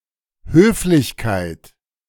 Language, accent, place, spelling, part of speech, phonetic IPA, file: German, Germany, Berlin, Höflichkeit, noun, [ˈhøːflɪçkaɪ̯t], De-Höflichkeit.ogg
- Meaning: 1. courtesy, politeness, courtliness (the state of being polite) 2. courtesy, politeness (an act of politeness)